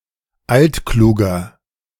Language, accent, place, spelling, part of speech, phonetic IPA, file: German, Germany, Berlin, altkluges, adjective, [ˈaltˌkluːɡəs], De-altkluges.ogg
- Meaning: strong/mixed nominative/accusative neuter singular of altklug